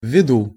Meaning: in view of
- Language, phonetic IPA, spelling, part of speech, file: Russian, [vʲːɪˈdu], ввиду, preposition, Ru-ввиду.ogg